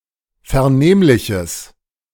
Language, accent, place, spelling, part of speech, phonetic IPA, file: German, Germany, Berlin, vernehmliches, adjective, [fɛɐ̯ˈneːmlɪçəs], De-vernehmliches.ogg
- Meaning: strong/mixed nominative/accusative neuter singular of vernehmlich